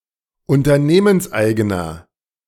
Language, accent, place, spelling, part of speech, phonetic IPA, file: German, Germany, Berlin, unternehmenseigener, adjective, [ʊntɐˈneːmənsˌʔaɪ̯ɡənɐ], De-unternehmenseigener.ogg
- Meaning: inflection of unternehmenseigen: 1. strong/mixed nominative masculine singular 2. strong genitive/dative feminine singular 3. strong genitive plural